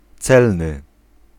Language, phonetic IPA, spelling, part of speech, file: Polish, [ˈt͡sɛlnɨ], celny, adjective, Pl-celny.ogg